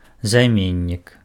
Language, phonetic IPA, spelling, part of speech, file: Belarusian, [zajˈmʲenʲːik], займеннік, noun, Be-займеннік.ogg
- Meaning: pronoun